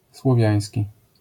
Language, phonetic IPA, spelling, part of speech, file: Polish, [swɔˈvʲjä̃j̃sʲci], słowiański, adjective, LL-Q809 (pol)-słowiański.wav